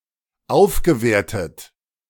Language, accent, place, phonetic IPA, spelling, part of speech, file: German, Germany, Berlin, [ˈaʊ̯fɡəˌveːɐ̯tət], aufgewertet, verb, De-aufgewertet.ogg
- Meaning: past participle of aufwerten